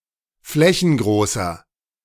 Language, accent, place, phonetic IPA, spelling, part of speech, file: German, Germany, Berlin, [ˈflɛçn̩ˌɡʁoːsɐ], flächengroßer, adjective, De-flächengroßer.ogg
- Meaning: inflection of flächengroß: 1. strong/mixed nominative masculine singular 2. strong genitive/dative feminine singular 3. strong genitive plural